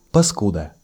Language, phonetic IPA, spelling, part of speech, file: Russian, [pɐˈskudə], паскуда, noun, Ru-паскуда.ogg
- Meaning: 1. a vile person, bastard, scoundrel, asshole 2. filth, abomination